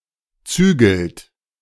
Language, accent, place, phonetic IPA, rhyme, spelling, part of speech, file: German, Germany, Berlin, [ˈt͡syːɡl̩t], -yːɡl̩t, zügelt, verb, De-zügelt.ogg
- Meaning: inflection of zügeln: 1. third-person singular present 2. second-person plural present 3. plural imperative